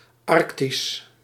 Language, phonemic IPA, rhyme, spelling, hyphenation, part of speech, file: Dutch, /ˈɑrk.tis/, -is, arctisch, arc‧tisch, adjective, Nl-arctisch.ogg
- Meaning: Arctic